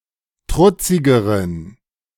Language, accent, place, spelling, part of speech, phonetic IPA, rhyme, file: German, Germany, Berlin, trutzigeren, adjective, [ˈtʁʊt͡sɪɡəʁən], -ʊt͡sɪɡəʁən, De-trutzigeren.ogg
- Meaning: inflection of trutzig: 1. strong genitive masculine/neuter singular comparative degree 2. weak/mixed genitive/dative all-gender singular comparative degree